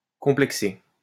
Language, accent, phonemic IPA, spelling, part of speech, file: French, France, /kɔ̃.plɛk.se/, complexer, verb, LL-Q150 (fra)-complexer.wav
- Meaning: 1. to form or establish a complex (in any sense) 2. to have a complex about something